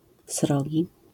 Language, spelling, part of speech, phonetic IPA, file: Polish, srogi, adjective, [ˈsrɔɟi], LL-Q809 (pol)-srogi.wav